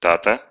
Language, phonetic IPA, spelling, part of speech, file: Russian, [ˈtatə], тата, noun, Ru-та́та.ogg
- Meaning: dad, daddy